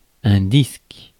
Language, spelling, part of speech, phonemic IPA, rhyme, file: French, disque, noun, /disk/, -isk, Fr-disque.ogg
- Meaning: disc (any flat or nearly flat circular object): 1. disc 2. discus 3. disk; record 4. disk